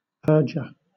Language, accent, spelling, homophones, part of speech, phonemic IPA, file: English, Southern England, perjure, purger, verb / noun, /ˈpɜːd͡ʒə(ɹ)/, LL-Q1860 (eng)-perjure.wav
- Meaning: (verb) To knowingly and willfully make a false statement of witness while in court